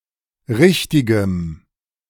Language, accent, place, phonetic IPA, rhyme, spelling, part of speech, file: German, Germany, Berlin, [ˈʁɪçtɪɡəm], -ɪçtɪɡəm, richtigem, adjective, De-richtigem.ogg
- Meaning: strong dative masculine/neuter singular of richtig